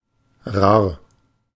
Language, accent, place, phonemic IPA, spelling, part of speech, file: German, Germany, Berlin, /raːr/, rar, adjective, De-rar.ogg
- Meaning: 1. scarce; seldom found and therefore in demand 2. rare, infrequent (in general)